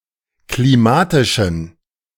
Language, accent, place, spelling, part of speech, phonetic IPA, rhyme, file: German, Germany, Berlin, klimatischen, adjective, [kliˈmaːtɪʃn̩], -aːtɪʃn̩, De-klimatischen.ogg
- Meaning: inflection of klimatisch: 1. strong genitive masculine/neuter singular 2. weak/mixed genitive/dative all-gender singular 3. strong/weak/mixed accusative masculine singular 4. strong dative plural